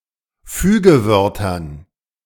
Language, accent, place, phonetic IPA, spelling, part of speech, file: German, Germany, Berlin, [ˈfyːɡəˌvœʁtɐn], Fügewörtern, noun, De-Fügewörtern.ogg
- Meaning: dative plural of Fügewort